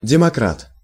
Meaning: democrat
- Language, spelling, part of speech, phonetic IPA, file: Russian, демократ, noun, [dʲɪmɐˈkrat], Ru-демократ.ogg